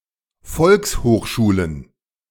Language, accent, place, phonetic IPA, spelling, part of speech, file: German, Germany, Berlin, [ˈfɔlkshoːxʃuːlən], Volkshochschulen, noun, De-Volkshochschulen.ogg
- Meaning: plural of Volkshochschule